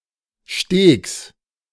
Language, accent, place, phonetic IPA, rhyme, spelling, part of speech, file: German, Germany, Berlin, [ʃteːks], -eːks, Stegs, noun, De-Stegs.ogg
- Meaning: genitive singular of Steg